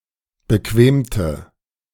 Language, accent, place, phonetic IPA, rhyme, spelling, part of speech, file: German, Germany, Berlin, [bəˈkveːmtə], -eːmtə, bequemte, adjective / verb, De-bequemte.ogg
- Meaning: inflection of bequemen: 1. first/third-person singular preterite 2. first/third-person singular subjunctive II